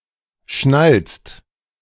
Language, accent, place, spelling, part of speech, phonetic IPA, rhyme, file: German, Germany, Berlin, schnalzt, verb, [ʃnalt͡st], -alt͡st, De-schnalzt.ogg
- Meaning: inflection of schnalzen: 1. second/third-person singular present 2. second-person plural present 3. plural imperative